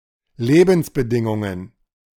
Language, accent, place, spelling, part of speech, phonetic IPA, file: German, Germany, Berlin, Lebensbedingungen, noun, [ˈleːbn̩sbəˌdɪŋʊŋən], De-Lebensbedingungen.ogg
- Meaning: plural of Lebensbedingung